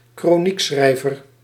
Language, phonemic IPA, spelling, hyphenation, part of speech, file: Dutch, /kroːˈnikˌsxrɛi̯.vər/, kroniekschrijver, kro‧niek‧schrij‧ver, noun, Nl-kroniekschrijver.ogg
- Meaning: chronicler